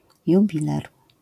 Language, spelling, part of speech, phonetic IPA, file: Polish, jubiler, noun, [juˈbʲilɛr], LL-Q809 (pol)-jubiler.wav